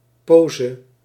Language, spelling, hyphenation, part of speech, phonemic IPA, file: Dutch, pose, po‧se, noun, /ˈpozə/, Nl-pose.ogg
- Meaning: stance or pose